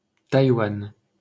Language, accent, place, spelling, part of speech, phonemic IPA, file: French, France, Paris, Taïwan, proper noun, /taj.wan/, LL-Q150 (fra)-Taïwan.wav
- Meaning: 1. Taiwan (a partly-recognized country in East Asia consisting of a main island and 167 smaller islands) 2. Taiwan (an island between the Taiwan Strait and Philippine Sea in East Asia)